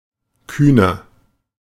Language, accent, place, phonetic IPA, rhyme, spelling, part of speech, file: German, Germany, Berlin, [ˈkyːnɐ], -yːnɐ, kühner, adjective, De-kühner.ogg
- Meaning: inflection of kühn: 1. strong/mixed nominative masculine singular 2. strong genitive/dative feminine singular 3. strong genitive plural